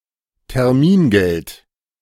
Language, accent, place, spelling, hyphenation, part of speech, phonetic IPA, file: German, Germany, Berlin, Termingeld, Ter‧min‧geld, noun, [tɛʁˈmiːnɡɛlt], De-Termingeld.ogg
- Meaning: time deposit